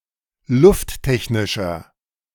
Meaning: inflection of lufttechnisch: 1. strong/mixed nominative masculine singular 2. strong genitive/dative feminine singular 3. strong genitive plural
- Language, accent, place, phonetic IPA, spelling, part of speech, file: German, Germany, Berlin, [ˈlʊftˌtɛçnɪʃɐ], lufttechnischer, adjective, De-lufttechnischer.ogg